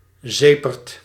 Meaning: let-down, disappointment
- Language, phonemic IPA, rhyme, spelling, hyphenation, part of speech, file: Dutch, /ˈzeː.pərt/, -eːpərt, zeperd, ze‧perd, noun, Nl-zeperd.ogg